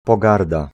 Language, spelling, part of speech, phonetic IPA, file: Polish, pogarda, noun, [pɔˈɡarda], Pl-pogarda.ogg